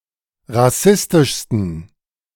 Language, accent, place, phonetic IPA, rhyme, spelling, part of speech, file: German, Germany, Berlin, [ʁaˈsɪstɪʃstn̩], -ɪstɪʃstn̩, rassistischsten, adjective, De-rassistischsten.ogg
- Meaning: 1. superlative degree of rassistisch 2. inflection of rassistisch: strong genitive masculine/neuter singular superlative degree